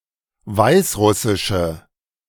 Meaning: alternative form of Weißrussisch
- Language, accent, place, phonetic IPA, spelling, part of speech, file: German, Germany, Berlin, [ˈvaɪ̯sˌʁʊsɪʃə], Weißrussische, noun, De-Weißrussische.ogg